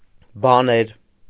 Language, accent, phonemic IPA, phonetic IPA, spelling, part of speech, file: Armenian, Eastern Armenian, /bɑˈneɾ/, [bɑnéɾ], բաներ, noun, Hy-բաներ.ogg
- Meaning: nominative plural of բան (ban)